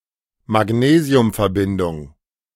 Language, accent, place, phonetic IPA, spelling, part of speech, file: German, Germany, Berlin, [maˈɡneːzi̯ʊmfɛɐ̯ˌbɪndʊŋ], Magnesiumverbindung, noun, De-Magnesiumverbindung.ogg
- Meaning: magnesium compound